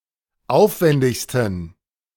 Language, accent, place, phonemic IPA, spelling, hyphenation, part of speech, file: German, Germany, Berlin, /ˈʔaʊ̯fvɛndɪçstn̩/, aufwändigsten, auf‧wän‧dig‧sten, adjective, De-aufwändigsten.ogg
- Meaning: 1. superlative degree of aufwändig 2. inflection of aufwändig: strong genitive masculine/neuter singular superlative degree